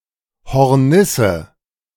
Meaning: hornet
- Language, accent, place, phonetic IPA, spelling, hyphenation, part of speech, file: German, Germany, Berlin, [hɔʁˈnɪsə], Hornisse, Hor‧nis‧se, noun, De-Hornisse.ogg